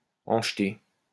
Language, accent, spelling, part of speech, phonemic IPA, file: French, France, en jeter, verb, /ɑ̃ ʒ(ə).te/, LL-Q150 (fra)-en jeter.wav
- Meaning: to be impressive; to look great